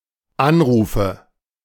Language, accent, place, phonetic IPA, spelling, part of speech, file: German, Germany, Berlin, [ˈanˌʁuːfə], Anrufe, noun, De-Anrufe.ogg
- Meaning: nominative/accusative/genitive plural of Anruf